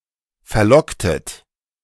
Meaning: inflection of verlocken: 1. second-person plural preterite 2. second-person plural subjunctive II
- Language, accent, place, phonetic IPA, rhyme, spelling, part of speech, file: German, Germany, Berlin, [fɛɐ̯ˈlɔktət], -ɔktət, verlocktet, verb, De-verlocktet.ogg